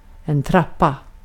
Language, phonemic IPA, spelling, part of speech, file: Swedish, /²trapa/, trappa, noun / verb, Sv-trappa.ogg
- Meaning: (noun) staircase, stairway, stairs, flight of stairs; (verb) See trappa av, trappa upp and trappa ner